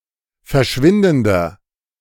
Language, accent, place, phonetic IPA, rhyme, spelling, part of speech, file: German, Germany, Berlin, [fɛɐ̯ˈʃvɪndn̩dɐ], -ɪndn̩dɐ, verschwindender, adjective, De-verschwindender.ogg
- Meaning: inflection of verschwindend: 1. strong/mixed nominative masculine singular 2. strong genitive/dative feminine singular 3. strong genitive plural